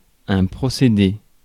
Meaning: 1. procedure (method) 2. device 3. process (series of events to produce a result)
- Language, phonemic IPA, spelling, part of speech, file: French, /pʁɔ.se.de/, procédé, noun, Fr-procédé.ogg